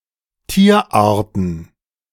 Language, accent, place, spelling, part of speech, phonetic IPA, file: German, Germany, Berlin, Tierarten, noun, [ˈtiːɐ̯ˌʔaːɐ̯tn̩], De-Tierarten.ogg
- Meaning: plural of Tierart